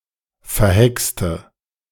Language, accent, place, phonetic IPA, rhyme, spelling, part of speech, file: German, Germany, Berlin, [fɛɐ̯ˈhɛkstə], -ɛkstə, verhexte, adjective / verb, De-verhexte.ogg
- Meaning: inflection of verhext: 1. strong/mixed nominative/accusative feminine singular 2. strong nominative/accusative plural 3. weak nominative all-gender singular 4. weak accusative feminine/neuter singular